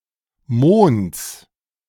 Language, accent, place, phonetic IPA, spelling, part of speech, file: German, Germany, Berlin, [moːnt͡s], Monds, noun, De-Monds.ogg
- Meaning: genitive singular of Mond